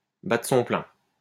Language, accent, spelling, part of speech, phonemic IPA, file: French, France, battre son plein, verb, /ba.tʁə sɔ̃ plɛ̃/, LL-Q150 (fra)-battre son plein.wav
- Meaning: to be in full swing